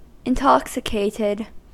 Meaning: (adjective) 1. Stupefied by alcohol, drunk 2. Stupefied by any chemical substance; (verb) simple past and past participle of intoxicate
- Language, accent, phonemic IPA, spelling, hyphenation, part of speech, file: English, US, /ɪnˈtɑksɪkeɪtɪd/, intoxicated, in‧tox‧i‧cat‧ed, adjective / verb, En-us-intoxicated.ogg